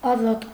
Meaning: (adjective) free; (noun) azat (member of Armenian nobility)
- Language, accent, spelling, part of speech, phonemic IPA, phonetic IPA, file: Armenian, Eastern Armenian, ազատ, adjective / noun, /ɑˈzɑt/, [ɑzɑ́t], Hy-ազատ.ogg